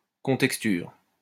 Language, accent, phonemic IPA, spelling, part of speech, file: French, France, /kɔ̃.tɛk.styʁ/, contexture, noun, LL-Q150 (fra)-contexture.wav
- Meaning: contexture